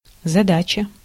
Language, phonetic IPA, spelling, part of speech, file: Russian, [zɐˈdat͡ɕə], задача, noun, Ru-задача.ogg
- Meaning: 1. problem 2. task, problem 3. object, objective, aim, goal, mission, end